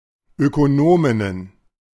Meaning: plural of Ökonomin
- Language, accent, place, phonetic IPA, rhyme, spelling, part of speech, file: German, Germany, Berlin, [økoˈnoːmɪnən], -oːmɪnən, Ökonominnen, noun, De-Ökonominnen.ogg